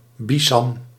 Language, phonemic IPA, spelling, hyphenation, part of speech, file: Dutch, /ˈbi.zɑm/, bisam, bi‧sam, noun, Nl-bisam.ogg
- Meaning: 1. synonym of muskusrat (“muskrat (Ondatra zibethicus)”) 2. the fur of the muskrat 3. the musk of the muskrat